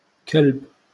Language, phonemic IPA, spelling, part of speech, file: Moroccan Arabic, /kalb/, كلب, noun, LL-Q56426 (ary)-كلب.wav
- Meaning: dog